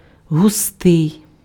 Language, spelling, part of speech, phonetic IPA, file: Ukrainian, густий, adjective, [ɦʊˈstɪi̯], Uk-густий.ogg
- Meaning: dense, thick